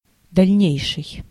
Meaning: further, subsequent (following in time)
- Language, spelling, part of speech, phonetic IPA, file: Russian, дальнейший, adjective, [dɐlʲˈnʲejʂɨj], Ru-дальнейший.ogg